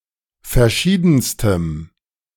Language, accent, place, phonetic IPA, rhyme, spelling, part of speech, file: German, Germany, Berlin, [fɛɐ̯ˈʃiːdn̩stəm], -iːdn̩stəm, verschiedenstem, adjective, De-verschiedenstem.ogg
- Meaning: strong dative masculine/neuter singular superlative degree of verschieden